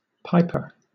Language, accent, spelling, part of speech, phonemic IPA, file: English, Southern England, piper, noun, /ˈpaɪ.pə/, LL-Q1860 (eng)-piper.wav
- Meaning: 1. A musician who plays a pipe 2. A bagpiper 3. A baby pigeon 4. A common European gurnard (Trigla lyra), having a large head, with prominent nasal projection, and with large, sharp, opercular spines